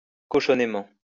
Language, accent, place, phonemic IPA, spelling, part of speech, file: French, France, Lyon, /kɔ.ʃɔ.ne.mɑ̃/, cochonnément, adverb, LL-Q150 (fra)-cochonnément.wav
- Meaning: dirtily